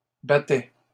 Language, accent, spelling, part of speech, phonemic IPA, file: French, Canada, battaient, verb, /ba.tɛ/, LL-Q150 (fra)-battaient.wav
- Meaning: third-person plural imperfect indicative of battre